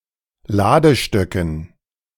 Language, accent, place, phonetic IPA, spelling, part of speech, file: German, Germany, Berlin, [ˈlaːdəˌʃtœkn̩], Ladestöcken, noun, De-Ladestöcken.ogg
- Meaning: dative plural of Ladestock